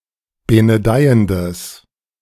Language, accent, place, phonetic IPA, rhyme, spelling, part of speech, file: German, Germany, Berlin, [ˌbenəˈdaɪ̯əndəs], -aɪ̯əndəs, benedeiendes, adjective, De-benedeiendes.ogg
- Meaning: strong/mixed nominative/accusative neuter singular of benedeiend